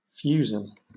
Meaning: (noun) 1. A bearing of a rhomboidal figure, originally representing a spindle in shape, longer than a heraldic lozenge 2. A light flintlock musket or firelock; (adjective) Obsolete spelling of fusile
- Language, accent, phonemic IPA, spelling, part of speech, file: English, Southern England, /ˈfjuːzɪl/, fusil, noun / adjective, LL-Q1860 (eng)-fusil.wav